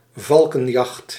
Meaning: a hunt or the practice of hunting by means of falcons; falconry
- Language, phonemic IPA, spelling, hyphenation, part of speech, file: Dutch, /ˈvɑl.kə(n)ˌjɑxt/, valkenjacht, val‧ken‧jacht, noun, Nl-valkenjacht.ogg